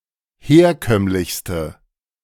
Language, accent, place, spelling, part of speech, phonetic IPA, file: German, Germany, Berlin, herkömmlichste, adjective, [ˈheːɐ̯ˌkœmlɪçstə], De-herkömmlichste.ogg
- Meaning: inflection of herkömmlich: 1. strong/mixed nominative/accusative feminine singular superlative degree 2. strong nominative/accusative plural superlative degree